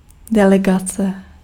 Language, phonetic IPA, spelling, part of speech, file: Czech, [ˈdɛlɛɡat͡sɛ], delegace, noun, Cs-delegace.ogg
- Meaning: delegation (group of delegates)